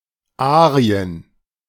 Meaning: plural of Arie
- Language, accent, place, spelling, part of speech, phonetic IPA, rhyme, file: German, Germany, Berlin, Arien, noun, [ˈaːʁiən], -aːʁiən, De-Arien.ogg